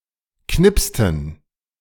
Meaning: inflection of knipsen: 1. first/third-person plural preterite 2. first/third-person plural subjunctive II
- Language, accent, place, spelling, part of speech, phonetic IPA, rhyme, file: German, Germany, Berlin, knipsten, verb, [ˈknɪpstn̩], -ɪpstn̩, De-knipsten.ogg